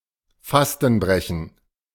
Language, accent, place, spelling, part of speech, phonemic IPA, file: German, Germany, Berlin, Fastenbrechen, noun, /ˈfastn̩ˌbʁɛçn̩/, De-Fastenbrechen.ogg
- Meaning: fast breaking